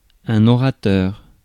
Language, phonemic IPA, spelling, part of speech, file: French, /ɔ.ʁa.tœʁ/, orateur, noun, Fr-orateur.ogg
- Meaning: 1. orator 2. speaker, public speaker 3. Speaker